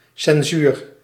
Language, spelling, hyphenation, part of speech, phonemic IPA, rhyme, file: Dutch, censuur, cen‧suur, noun, /sɛnˈzyːr/, -yr, Nl-censuur.ogg
- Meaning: censorship